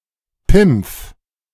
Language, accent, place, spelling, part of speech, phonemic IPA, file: German, Germany, Berlin, Pimpf, noun, /pɪmpf/, De-Pimpf.ogg
- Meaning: 1. a boy who has not grown up yet 2. member of the Hitler Youth